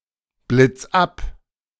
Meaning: 1. singular imperative of abblitzen 2. first-person singular present of abblitzen
- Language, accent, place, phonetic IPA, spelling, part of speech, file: German, Germany, Berlin, [ˌblɪt͡s ˈap], blitz ab, verb, De-blitz ab.ogg